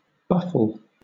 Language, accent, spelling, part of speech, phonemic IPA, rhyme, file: English, Southern England, buffle, noun / verb, /ˈbʌfəl/, -ʌfəl, LL-Q1860 (eng)-buffle.wav
- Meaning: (noun) A buffalo; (verb) To puzzle; to baffle